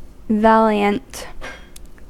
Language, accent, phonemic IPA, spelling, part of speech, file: English, General American, /ˈvæliənt/, valiant, adjective / noun, En-us-valiant.ogg
- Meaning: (adjective) 1. Possessing or showing courage or determination; brave, heroic 2. Characterized by or done with bravery or valour